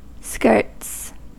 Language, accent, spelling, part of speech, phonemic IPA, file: English, US, skirts, noun / verb, /skɝts/, En-us-skirts.ogg
- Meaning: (noun) plural of skirt; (verb) third-person singular simple present indicative of skirt